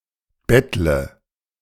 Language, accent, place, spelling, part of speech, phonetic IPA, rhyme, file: German, Germany, Berlin, bettle, verb, [ˈbɛtlə], -ɛtlə, De-bettle.ogg
- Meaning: inflection of betteln: 1. first-person singular present 2. singular imperative 3. first/third-person singular subjunctive I